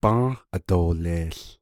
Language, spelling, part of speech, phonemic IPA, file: Navajo, bą́ą́h adooleeł, verb, /pɑ̃́ːh ʔàtòːlèːɬ/, Nv-bą́ą́h adooleeł.ogg
- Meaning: third-person singular future of bą́ą́h ílį́